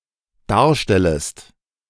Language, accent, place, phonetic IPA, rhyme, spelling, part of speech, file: German, Germany, Berlin, [ˈdaːɐ̯ˌʃtɛləst], -aːɐ̯ʃtɛləst, darstellest, verb, De-darstellest.ogg
- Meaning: second-person singular dependent subjunctive I of darstellen